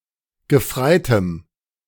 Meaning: dative singular of Gefreiter
- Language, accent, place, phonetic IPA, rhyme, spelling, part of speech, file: German, Germany, Berlin, [ɡəˈfʁaɪ̯təm], -aɪ̯təm, Gefreitem, noun, De-Gefreitem.ogg